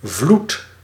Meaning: 1. flood (high tide) 2. flood, current (stream) 3. flood (inundation)
- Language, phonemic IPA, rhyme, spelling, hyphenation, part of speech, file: Dutch, /vlut/, -ut, vloed, vloed, noun, Nl-vloed.ogg